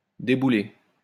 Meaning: feminine singular of déboulé
- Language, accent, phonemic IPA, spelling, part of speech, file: French, France, /de.bu.le/, déboulée, verb, LL-Q150 (fra)-déboulée.wav